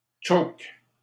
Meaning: inflection of choker: 1. first/third-person singular present indicative/subjunctive 2. second-person singular imperative
- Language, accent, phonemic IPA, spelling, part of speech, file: French, Canada, /tʃok/, choke, verb, LL-Q150 (fra)-choke.wav